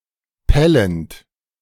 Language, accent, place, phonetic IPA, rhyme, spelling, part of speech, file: German, Germany, Berlin, [ˈpɛlənt], -ɛlənt, pellend, verb, De-pellend.ogg
- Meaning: present participle of pellen